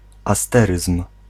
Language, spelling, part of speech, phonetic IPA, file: Polish, asteryzm, noun, [aˈstɛrɨsm̥], Pl-asteryzm.ogg